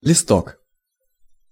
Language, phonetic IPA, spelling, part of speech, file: Russian, [lʲɪˈstok], листок, noun, Ru-листок.ogg
- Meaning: 1. diminutive of лист (list): small leaf, small sheet (of paper) 2. slip, sheet, paper 3. wall newspaper, document, poster